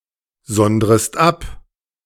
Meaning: second-person singular subjunctive I of absondern
- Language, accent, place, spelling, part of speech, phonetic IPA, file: German, Germany, Berlin, sondrest ab, verb, [ˌzɔndʁəst ˈap], De-sondrest ab.ogg